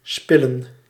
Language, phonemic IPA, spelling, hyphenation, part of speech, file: Dutch, /ˈspɪ.lə(n)/, spillen, spil‧len, verb, Nl-spillen.ogg
- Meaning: 1. to waste, to spend vainly or profligately 2. to spend, to use 3. to spill